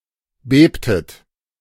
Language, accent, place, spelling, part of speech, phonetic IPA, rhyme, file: German, Germany, Berlin, bebtet, verb, [ˈbeːptət], -eːptət, De-bebtet.ogg
- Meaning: inflection of beben: 1. second-person plural preterite 2. second-person plural subjunctive II